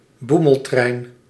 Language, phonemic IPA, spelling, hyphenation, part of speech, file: Dutch, /ˈbu.məlˌtrɛi̯n/, boemeltrein, boe‧mel‧trein, noun, Nl-boemeltrein.ogg
- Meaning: local train, commuter train, train that calls at every stop